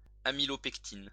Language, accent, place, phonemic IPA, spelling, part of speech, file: French, France, Lyon, /a.mi.lɔ.pɛk.tin/, amylopectine, noun, LL-Q150 (fra)-amylopectine.wav
- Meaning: amylopectin